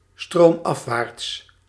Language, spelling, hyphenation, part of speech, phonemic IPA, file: Dutch, stroomafwaarts, stroom‧af‧waarts, adverb, /ˌstroːmˈɑf.ʋaːrts/, Nl-stroomafwaarts.ogg
- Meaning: downstream, downriver